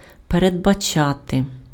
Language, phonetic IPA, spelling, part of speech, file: Ukrainian, [peredbɐˈt͡ʃate], передбачати, verb, Uk-передбачати.ogg
- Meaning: 1. to foresee, to anticipate 2. to envisage 3. to provide (for/that), to stipulate (establish as a previous condition)